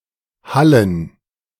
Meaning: plural of Halle
- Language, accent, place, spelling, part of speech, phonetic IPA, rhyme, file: German, Germany, Berlin, Hallen, noun, [ˈhalən], -alən, De-Hallen.ogg